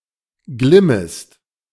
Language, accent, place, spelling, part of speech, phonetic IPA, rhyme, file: German, Germany, Berlin, glimmest, verb, [ˈɡlɪməst], -ɪməst, De-glimmest.ogg
- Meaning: second-person singular subjunctive I of glimmen